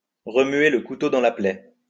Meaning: to twist the knife, to rub salt in the wound
- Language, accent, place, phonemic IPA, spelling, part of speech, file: French, France, Lyon, /ʁə.mɥe l(ə) ku.to dɑ̃ la plɛ/, remuer le couteau dans la plaie, verb, LL-Q150 (fra)-remuer le couteau dans la plaie.wav